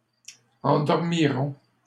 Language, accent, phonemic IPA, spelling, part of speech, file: French, Canada, /ɑ̃.dɔʁ.mi.ʁɔ̃/, endormirons, verb, LL-Q150 (fra)-endormirons.wav
- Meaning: first-person plural future of endormir